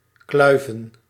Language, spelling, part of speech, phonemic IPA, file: Dutch, kluiven, verb / noun, /ˈklœy̯və(n)/, Nl-kluiven.ogg
- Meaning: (verb) 1. to gnaw, to nibble 2. to bite (a piece of meat) into smaller chunks; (noun) plural of kluif